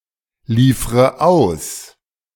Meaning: inflection of ausliefern: 1. first-person singular present 2. first/third-person singular subjunctive I 3. singular imperative
- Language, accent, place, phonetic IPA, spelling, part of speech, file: German, Germany, Berlin, [ˌliːfʁə ˈaʊ̯s], liefre aus, verb, De-liefre aus.ogg